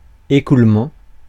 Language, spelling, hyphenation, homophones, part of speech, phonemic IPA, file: French, écoulement, é‧coule‧ment, écoulements, noun, /e.kul.mɑ̃/, Fr-écoulement.ogg
- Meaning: flow (the movement of a fluid)